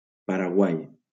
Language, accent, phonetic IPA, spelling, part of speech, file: Catalan, Valencia, [pa.ɾaˈɣwaj], Paraguai, proper noun, LL-Q7026 (cat)-Paraguai.wav
- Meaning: Paraguay (a country in South America)